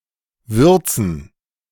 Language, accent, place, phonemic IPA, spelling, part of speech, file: German, Germany, Berlin, /ˈvʏʁt͡sən/, würzen, verb, De-würzen.ogg
- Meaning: to season